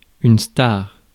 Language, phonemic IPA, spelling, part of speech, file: French, /staʁ/, star, noun, Fr-star.ogg
- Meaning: star (celebrity)